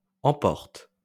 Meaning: inflection of emporter: 1. first/third-person singular present indicative/subjunctive 2. second-person singular imperative
- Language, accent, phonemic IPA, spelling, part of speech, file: French, France, /ɑ̃.pɔʁt/, emporte, verb, LL-Q150 (fra)-emporte.wav